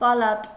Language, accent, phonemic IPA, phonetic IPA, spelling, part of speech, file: Armenian, Eastern Armenian, /pɑˈlɑt/, [pɑlɑ́t], պալատ, noun, Hy-պալատ.ogg
- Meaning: 1. palace 2. ward 3. chamber, house